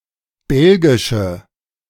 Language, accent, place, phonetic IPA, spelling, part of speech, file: German, Germany, Berlin, [ˈbɛlɡɪʃə], belgische, adjective, De-belgische.ogg
- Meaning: inflection of belgisch: 1. strong/mixed nominative/accusative feminine singular 2. strong nominative/accusative plural 3. weak nominative all-gender singular